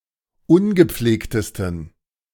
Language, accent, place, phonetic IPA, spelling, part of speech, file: German, Germany, Berlin, [ˈʊnɡəˌp͡fleːktəstn̩], ungepflegtesten, adjective, De-ungepflegtesten.ogg
- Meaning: 1. superlative degree of ungepflegt 2. inflection of ungepflegt: strong genitive masculine/neuter singular superlative degree